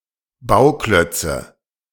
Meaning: nominative/accusative/genitive plural of Bauklotz
- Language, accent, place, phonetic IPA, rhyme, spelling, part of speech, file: German, Germany, Berlin, [ˈbaʊ̯ˌklœt͡sə], -aʊ̯klœt͡sə, Bauklötze, noun, De-Bauklötze.ogg